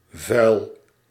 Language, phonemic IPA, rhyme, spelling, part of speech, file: Dutch, /vœy̯l/, -œy̯l, vuil, adjective / noun, Nl-vuil.ogg
- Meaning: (adjective) 1. foul, dirty, filthy 2. obscene, lewd 3. dishonorable 4. illegal, improper 5. fouled, having its wetted surface polluted by marine organisms; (noun) dirt, filth